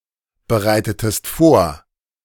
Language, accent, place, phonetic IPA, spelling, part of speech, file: German, Germany, Berlin, [bəˌʁaɪ̯tətəst ˈfoːɐ̯], bereitetest vor, verb, De-bereitetest vor.ogg
- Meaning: inflection of vorbereiten: 1. second-person singular preterite 2. second-person singular subjunctive II